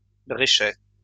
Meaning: 1. keel (of a bird) 2. human sternum
- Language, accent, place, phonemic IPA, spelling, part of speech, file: French, France, Lyon, /bʁe.ʃɛ/, bréchet, noun, LL-Q150 (fra)-bréchet.wav